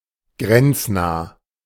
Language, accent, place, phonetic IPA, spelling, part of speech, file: German, Germany, Berlin, [ˈɡʁɛnt͡sˌnaː], grenznah, adjective, De-grenznah.ogg
- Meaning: border